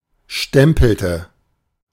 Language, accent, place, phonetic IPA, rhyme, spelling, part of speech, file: German, Germany, Berlin, [ˈʃtɛmpl̩tə], -ɛmpl̩tə, stempelte, verb, De-stempelte.ogg
- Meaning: inflection of stempeln: 1. first/third-person singular preterite 2. first/third-person singular subjunctive II